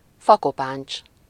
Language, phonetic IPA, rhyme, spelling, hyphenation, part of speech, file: Hungarian, [ˈfɒkopaːnt͡ʃ], -aːnt͡ʃ, fakopáncs, fa‧ko‧páncs, noun, Hu-fakopáncs.ogg
- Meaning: woodpecker